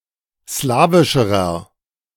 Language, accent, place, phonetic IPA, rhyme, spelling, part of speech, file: German, Germany, Berlin, [ˈslaːvɪʃəʁɐ], -aːvɪʃəʁɐ, slawischerer, adjective, De-slawischerer.ogg
- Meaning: inflection of slawisch: 1. strong/mixed nominative masculine singular comparative degree 2. strong genitive/dative feminine singular comparative degree 3. strong genitive plural comparative degree